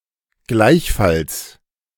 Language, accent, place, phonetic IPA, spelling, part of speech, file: German, Germany, Berlin, [ˈɡlaɪ̯çˌfals], gleichfalls, adverb, De-gleichfalls.ogg
- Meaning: likewise